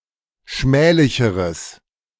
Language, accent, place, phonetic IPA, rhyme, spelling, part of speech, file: German, Germany, Berlin, [ˈʃmɛːlɪçəʁəs], -ɛːlɪçəʁəs, schmählicheres, adjective, De-schmählicheres.ogg
- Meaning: strong/mixed nominative/accusative neuter singular comparative degree of schmählich